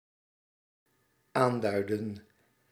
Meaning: inflection of aanduiden: 1. plural dependent-clause past indicative 2. plural dependent-clause past subjunctive
- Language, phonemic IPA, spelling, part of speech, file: Dutch, /ˈandœydə(n)/, aanduidden, verb, Nl-aanduidden.ogg